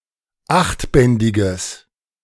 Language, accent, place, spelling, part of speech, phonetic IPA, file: German, Germany, Berlin, achtbändiges, adjective, [ˈaxtˌbɛndɪɡəs], De-achtbändiges.ogg
- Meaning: strong/mixed nominative/accusative neuter singular of achtbändig